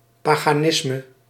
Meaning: paganism
- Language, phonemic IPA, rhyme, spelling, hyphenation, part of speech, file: Dutch, /ˌpaː.ɣaːˈnɪs.mə/, -ɪsmə, paganisme, pa‧ga‧nis‧me, noun, Nl-paganisme.ogg